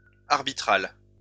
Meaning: arbitral
- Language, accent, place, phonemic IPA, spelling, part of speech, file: French, France, Lyon, /aʁ.bi.tʁal/, arbitral, adjective, LL-Q150 (fra)-arbitral.wav